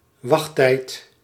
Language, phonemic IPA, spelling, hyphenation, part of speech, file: Dutch, /ˈʋɑx.tɛi̯t/, wachttijd, wacht‧tijd, noun, Nl-wachttijd.ogg
- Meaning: waiting time